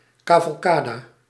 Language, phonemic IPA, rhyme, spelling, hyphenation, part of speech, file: Dutch, /ˌkaː.vɑlˈkaː.də/, -aːdə, cavalcade, ca‧val‧ca‧de, noun, Nl-cavalcade.ogg
- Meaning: horse parade, cavalcade